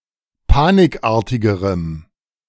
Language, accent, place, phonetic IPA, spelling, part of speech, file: German, Germany, Berlin, [ˈpaːnɪkˌʔaːɐ̯tɪɡəʁəm], panikartigerem, adjective, De-panikartigerem.ogg
- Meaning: strong dative masculine/neuter singular comparative degree of panikartig